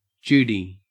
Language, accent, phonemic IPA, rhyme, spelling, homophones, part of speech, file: English, Australia, /ˈd͡ʒuːdi/, -uːdi, Judy, Judie, proper noun / noun / interjection, En-au-Judy.ogg
- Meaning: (proper noun) A diminutive of the female given name Judith, also used as a formal female given name; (noun) 1. A girl or woman 2. Any of various riodinid butterflies of the genus Abisara